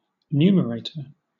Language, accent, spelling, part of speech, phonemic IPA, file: English, Southern England, numerator, noun, /ˈnuː.məɹˌeɪ̯.təɹ/, LL-Q1860 (eng)-numerator.wav
- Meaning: 1. The number or expression written above the line in a fraction (such as 1 in ½) 2. An enumerator; someone who counts